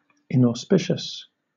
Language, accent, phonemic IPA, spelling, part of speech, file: English, Southern England, /ˌɪnɔːˈspɪʃəs/, inauspicious, adjective, LL-Q1860 (eng)-inauspicious.wav
- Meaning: Not auspicious; ill-omened